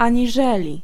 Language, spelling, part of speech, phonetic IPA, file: Polish, aniżeli, conjunction, [ˌãɲiˈʒɛlʲi], Pl-aniżeli.ogg